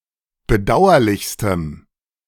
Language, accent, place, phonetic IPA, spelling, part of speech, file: German, Germany, Berlin, [bəˈdaʊ̯ɐlɪçstəm], bedauerlichstem, adjective, De-bedauerlichstem.ogg
- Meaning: strong dative masculine/neuter singular superlative degree of bedauerlich